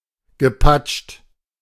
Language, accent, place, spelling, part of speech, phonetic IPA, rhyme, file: German, Germany, Berlin, gepatscht, verb, [ɡəˈpat͡ʃt], -at͡ʃt, De-gepatscht.ogg
- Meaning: past participle of patschen